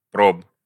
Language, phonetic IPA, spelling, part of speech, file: Russian, [prop], проб, noun, Ru-проб.ogg
- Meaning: genitive plural of про́ба (próba)